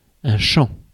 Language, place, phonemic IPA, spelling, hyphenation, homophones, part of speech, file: French, Paris, /ʃɑ̃/, champ, champ, champs / chant / chants, noun, Fr-champ.ogg
- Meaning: field in its various senses, including: 1. a wide open space 2. an area of study